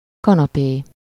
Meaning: 1. canapé (elegant sofa) 2. canapé (an open-faced sandwich)
- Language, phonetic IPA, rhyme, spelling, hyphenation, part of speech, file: Hungarian, [ˈkɒnɒpeː], -peː, kanapé, ka‧na‧pé, noun, Hu-kanapé.ogg